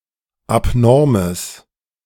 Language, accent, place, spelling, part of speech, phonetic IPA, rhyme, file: German, Germany, Berlin, abnormes, adjective, [apˈnɔʁməs], -ɔʁməs, De-abnormes.ogg
- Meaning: strong/mixed nominative/accusative neuter singular of abnorm